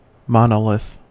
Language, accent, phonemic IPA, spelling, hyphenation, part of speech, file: English, General American, /ˈmɑn.əˌlɪθ/, monolith, mo‧no‧lith, noun / verb, En-us-monolith.ogg